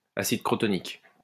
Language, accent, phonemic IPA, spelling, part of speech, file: French, France, /a.sid kʁɔ.tɔ.nik/, acide crotonique, noun, LL-Q150 (fra)-acide crotonique.wav
- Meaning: crotonic acid